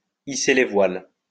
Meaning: to set sail, to depart, to sail away, to sail off into the sunset
- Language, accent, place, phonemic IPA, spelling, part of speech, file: French, France, Lyon, /i.se le vwal/, hisser les voiles, verb, LL-Q150 (fra)-hisser les voiles.wav